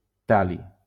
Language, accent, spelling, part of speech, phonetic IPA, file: Catalan, Valencia, tal·li, noun, [ˈtal.li], LL-Q7026 (cat)-tal·li.wav
- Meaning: thallium